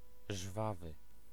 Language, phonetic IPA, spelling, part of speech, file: Polish, [ˈʒvavɨ], żwawy, adjective, Pl-żwawy.ogg